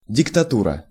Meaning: dictatorship
- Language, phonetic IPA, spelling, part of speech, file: Russian, [dʲɪktɐˈturə], диктатура, noun, Ru-диктатура.ogg